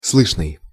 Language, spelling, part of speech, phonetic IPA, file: Russian, слышный, adjective, [ˈsɫɨʂnɨj], Ru-слышный.ogg
- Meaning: audible (able to be heard)